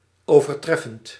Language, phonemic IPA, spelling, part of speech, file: Dutch, /ˌovərˈtrɛfənt/, overtreffend, adjective / verb, Nl-overtreffend.ogg
- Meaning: present participle of overtreffen